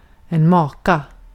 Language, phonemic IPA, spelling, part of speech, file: Swedish, /ˈmɑːˌka/, maka, noun / verb, Sv-maka.ogg
- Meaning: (noun) spouse; wife; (verb) To move (slightly) a big, heavy or otherwise difficult-to-move object